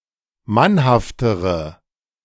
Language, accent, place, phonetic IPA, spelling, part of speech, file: German, Germany, Berlin, [ˈmanhaftəʁə], mannhaftere, adjective, De-mannhaftere.ogg
- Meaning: inflection of mannhaft: 1. strong/mixed nominative/accusative feminine singular comparative degree 2. strong nominative/accusative plural comparative degree